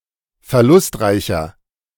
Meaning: 1. comparative degree of verlustreich 2. inflection of verlustreich: strong/mixed nominative masculine singular 3. inflection of verlustreich: strong genitive/dative feminine singular
- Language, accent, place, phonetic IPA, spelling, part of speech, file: German, Germany, Berlin, [fɛɐ̯ˈlʊstˌʁaɪ̯çɐ], verlustreicher, adjective, De-verlustreicher.ogg